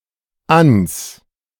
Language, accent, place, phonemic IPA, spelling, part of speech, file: German, Germany, Berlin, /ans/, ans, contraction, De-ans.ogg
- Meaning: contraction of an (“on(to)”) + das (“the”)